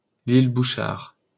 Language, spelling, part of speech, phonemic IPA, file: French, Bouchard, proper noun, /bu.ʃaʁ/, LL-Q150 (fra)-Bouchard.wav
- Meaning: a surname